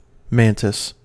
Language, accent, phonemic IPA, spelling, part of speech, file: English, US, /ˈmæntɪs/, mantis, noun, En-us-mantis.ogg
- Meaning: 1. Any of various large insects of the order Mantodea that catch insects or other small animals with their powerful forelegs 2. A green colour, like that of many mantises